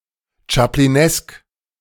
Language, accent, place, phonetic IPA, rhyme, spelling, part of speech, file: German, Germany, Berlin, [t͡ʃapliˈnɛsk], -ɛsk, chaplinesk, adjective, De-chaplinesk.ogg
- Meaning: Chaplinesque